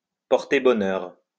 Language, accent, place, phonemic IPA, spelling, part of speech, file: French, France, Lyon, /pɔʁ.te bɔ.nœʁ/, porter bonheur, verb, LL-Q150 (fra)-porter bonheur.wav
- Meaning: to bring luck